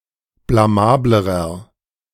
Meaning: inflection of blamabel: 1. strong/mixed nominative masculine singular comparative degree 2. strong genitive/dative feminine singular comparative degree 3. strong genitive plural comparative degree
- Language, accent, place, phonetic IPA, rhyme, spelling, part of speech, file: German, Germany, Berlin, [blaˈmaːbləʁɐ], -aːbləʁɐ, blamablerer, adjective, De-blamablerer.ogg